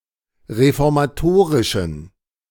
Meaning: inflection of reformatorisch: 1. strong genitive masculine/neuter singular 2. weak/mixed genitive/dative all-gender singular 3. strong/weak/mixed accusative masculine singular 4. strong dative plural
- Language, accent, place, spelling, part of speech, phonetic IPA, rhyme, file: German, Germany, Berlin, reformatorischen, adjective, [ʁefɔʁmaˈtoːʁɪʃn̩], -oːʁɪʃn̩, De-reformatorischen.ogg